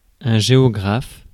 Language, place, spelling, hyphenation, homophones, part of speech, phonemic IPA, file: French, Paris, géographe, gé‧o‧graphe, géographes, noun, /ʒe.ɔ.ɡʁaf/, Fr-géographe.ogg
- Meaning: geographer